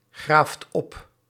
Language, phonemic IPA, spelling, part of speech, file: Dutch, /ˈɣraft ˈɔp/, graaft op, verb, Nl-graaft op.ogg
- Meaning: inflection of opgraven: 1. second/third-person singular present indicative 2. plural imperative